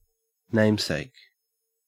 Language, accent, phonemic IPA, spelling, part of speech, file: English, Australia, /ˈneɪmseɪk/, namesake, noun / verb, En-au-namesake.ogg
- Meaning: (noun) 1. An entity that lends its name to another entity 2. An entity that lends its name to another entity.: A person with the same name as another